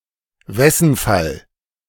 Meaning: synonym of Genitiv: genitive case
- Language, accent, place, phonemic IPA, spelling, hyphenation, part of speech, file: German, Germany, Berlin, /ˈvɛsn̩fal/, Wessenfall, Wes‧sen‧fall, noun, De-Wessenfall.ogg